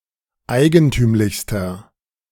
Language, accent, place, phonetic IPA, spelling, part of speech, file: German, Germany, Berlin, [ˈaɪ̯ɡənˌtyːmlɪçstɐ], eigentümlichster, adjective, De-eigentümlichster.ogg
- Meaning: inflection of eigentümlich: 1. strong/mixed nominative masculine singular superlative degree 2. strong genitive/dative feminine singular superlative degree 3. strong genitive plural superlative degree